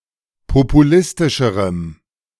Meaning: strong dative masculine/neuter singular comparative degree of populistisch
- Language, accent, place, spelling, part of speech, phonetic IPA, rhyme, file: German, Germany, Berlin, populistischerem, adjective, [popuˈlɪstɪʃəʁəm], -ɪstɪʃəʁəm, De-populistischerem.ogg